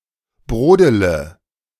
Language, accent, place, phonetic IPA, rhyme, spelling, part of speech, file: German, Germany, Berlin, [ˈbʁoːdələ], -oːdələ, brodele, verb, De-brodele.ogg
- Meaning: inflection of brodeln: 1. first-person singular present 2. first-person plural subjunctive I 3. third-person singular subjunctive I 4. singular imperative